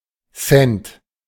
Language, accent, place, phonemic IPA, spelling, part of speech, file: German, Germany, Berlin, /(t)sɛnt/, Cent, noun, De-Cent.ogg
- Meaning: 1. cent, the smaller unit of the euro 2. cent (in other currencies)